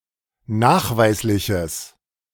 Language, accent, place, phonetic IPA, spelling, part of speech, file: German, Germany, Berlin, [ˈnaːxˌvaɪ̯slɪçəs], nachweisliches, adjective, De-nachweisliches.ogg
- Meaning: strong/mixed nominative/accusative neuter singular of nachweislich